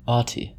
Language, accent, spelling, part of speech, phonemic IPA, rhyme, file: English, US, autie, noun, /ˈɔːti/, -ɔːti, En-us-autie.ogg
- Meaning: An autistic person